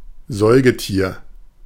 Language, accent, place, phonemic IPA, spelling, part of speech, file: German, Germany, Berlin, /ˈzɔʏɡəˌtiːɐ̯/, Säugetier, noun, De-Säugetier.ogg
- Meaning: mammal